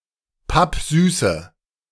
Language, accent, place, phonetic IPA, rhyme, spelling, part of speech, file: German, Germany, Berlin, [ˈpapˈzyːsə], -yːsə, pappsüße, adjective, De-pappsüße.ogg
- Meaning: inflection of pappsüß: 1. strong/mixed nominative/accusative feminine singular 2. strong nominative/accusative plural 3. weak nominative all-gender singular 4. weak accusative feminine/neuter singular